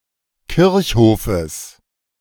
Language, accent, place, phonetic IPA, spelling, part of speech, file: German, Germany, Berlin, [ˈkɪʁçˌhoːfəs], Kirchhofes, noun, De-Kirchhofes.ogg
- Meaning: genitive of Kirchhof